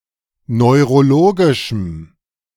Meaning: strong dative masculine/neuter singular of neurologisch
- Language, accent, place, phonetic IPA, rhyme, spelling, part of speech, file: German, Germany, Berlin, [nɔɪ̯ʁoˈloːɡɪʃm̩], -oːɡɪʃm̩, neurologischem, adjective, De-neurologischem.ogg